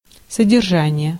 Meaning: 1. keeping 2. upkeep, maintenance 3. content, substance 4. contents 5. table of contents 6. custody
- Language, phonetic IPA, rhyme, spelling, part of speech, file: Russian, [sədʲɪrˈʐanʲɪje], -anʲɪje, содержание, noun, Ru-содержание.ogg